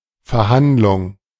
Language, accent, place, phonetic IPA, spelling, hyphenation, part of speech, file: German, Germany, Berlin, [fɛɐ̯ˈhandlʊŋ], Verhandlung, Ver‧hand‧lung, noun, De-Verhandlung.ogg
- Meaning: 1. negotiation 2. hearing, trial